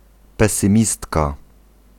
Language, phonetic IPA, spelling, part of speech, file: Polish, [ˌpɛsɨ̃ˈmʲistka], pesymistka, noun, Pl-pesymistka.ogg